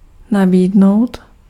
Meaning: to offer
- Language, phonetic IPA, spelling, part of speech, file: Czech, [ˈnabiːdnou̯t], nabídnout, verb, Cs-nabídnout.ogg